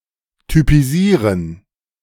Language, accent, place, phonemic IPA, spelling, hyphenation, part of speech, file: German, Germany, Berlin, /typiˈziːʁən/, typisieren, ty‧pi‧sie‧ren, verb, De-typisieren.ogg
- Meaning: 1. to classify, type 2. to typify